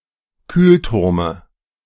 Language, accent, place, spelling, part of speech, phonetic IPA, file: German, Germany, Berlin, Kühlturme, noun, [ˈkyːlˌtʊʁmə], De-Kühlturme.ogg
- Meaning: dative singular of Kühlturm